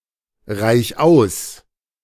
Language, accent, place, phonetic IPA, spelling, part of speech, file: German, Germany, Berlin, [ˌʁaɪ̯ç ˈaʊ̯s], reich aus, verb, De-reich aus.ogg
- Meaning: 1. singular imperative of ausreichen 2. first-person singular present of ausreichen